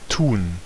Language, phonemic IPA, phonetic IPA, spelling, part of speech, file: German, /tuːn/, [tuːn], tun, verb, De-tun.ogg
- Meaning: 1. to do (to perform or execute an action) 2. to do (harm or good, but negative by default) 3. to pretend, to play-act 4. to put, to place, to add (especially of smaller objects or ingredients)